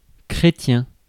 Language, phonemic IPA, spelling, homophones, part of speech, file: French, /kʁe.tjɛ̃/, chrétien, chrétiens, adjective / noun, Fr-chrétien.ogg
- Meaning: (adjective) Christian